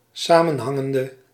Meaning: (adjective) inflection of samenhangend: 1. masculine/feminine singular attributive 2. definite neuter singular attributive 3. plural attributive
- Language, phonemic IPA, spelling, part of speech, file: Dutch, /ˌsamənˈhɑŋəndə/, samenhangende, verb / adjective, Nl-samenhangende.ogg